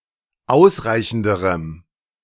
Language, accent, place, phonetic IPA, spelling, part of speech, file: German, Germany, Berlin, [ˈaʊ̯sˌʁaɪ̯çn̩dəʁəm], ausreichenderem, adjective, De-ausreichenderem.ogg
- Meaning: strong dative masculine/neuter singular comparative degree of ausreichend